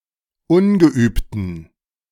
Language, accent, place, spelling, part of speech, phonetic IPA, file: German, Germany, Berlin, ungeübten, adjective, [ˈʊnɡəˌʔyːptn̩], De-ungeübten.ogg
- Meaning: inflection of ungeübt: 1. strong genitive masculine/neuter singular 2. weak/mixed genitive/dative all-gender singular 3. strong/weak/mixed accusative masculine singular 4. strong dative plural